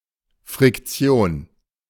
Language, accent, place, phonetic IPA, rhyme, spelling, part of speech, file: German, Germany, Berlin, [fʁɪkˈt͡si̯oːn], -oːn, Friktion, noun, De-Friktion.ogg
- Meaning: 1. friction 2. friction (conflict) 3. friction (in massage)